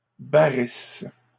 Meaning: inflection of barrir: 1. first/third-person singular present subjunctive 2. first-person singular imperfect subjunctive
- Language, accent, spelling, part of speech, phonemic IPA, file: French, Canada, barrisse, verb, /ba.ʁis/, LL-Q150 (fra)-barrisse.wav